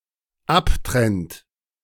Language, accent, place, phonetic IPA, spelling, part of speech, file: German, Germany, Berlin, [ˈapˌtʁɛnt], abtrennt, verb, De-abtrennt.ogg
- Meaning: inflection of abtrennen: 1. third-person singular dependent present 2. second-person plural dependent present